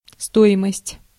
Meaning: cost, value, worth
- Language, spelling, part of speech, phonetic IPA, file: Russian, стоимость, noun, [ˈstoɪməsʲtʲ], Ru-стоимость.ogg